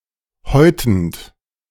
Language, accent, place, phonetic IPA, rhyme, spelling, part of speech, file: German, Germany, Berlin, [ˈhɔɪ̯tn̩t], -ɔɪ̯tn̩t, häutend, verb, De-häutend.ogg
- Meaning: present participle of häuten